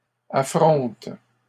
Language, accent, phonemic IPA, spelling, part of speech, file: French, Canada, /a.fʁɔ̃t/, affronte, verb, LL-Q150 (fra)-affronte.wav
- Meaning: inflection of affronter: 1. first/third-person singular present indicative/subjunctive 2. second-person singular imperative